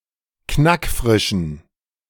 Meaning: inflection of knackfrisch: 1. strong genitive masculine/neuter singular 2. weak/mixed genitive/dative all-gender singular 3. strong/weak/mixed accusative masculine singular 4. strong dative plural
- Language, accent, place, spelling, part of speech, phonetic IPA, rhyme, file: German, Germany, Berlin, knackfrischen, adjective, [ˈknakˈfʁɪʃn̩], -ɪʃn̩, De-knackfrischen.ogg